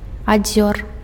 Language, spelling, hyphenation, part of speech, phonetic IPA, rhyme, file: Belarusian, адзёр, адзёр, noun, [aˈd͡zʲor], -or, Be-адзёр.ogg
- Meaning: measles, rubeola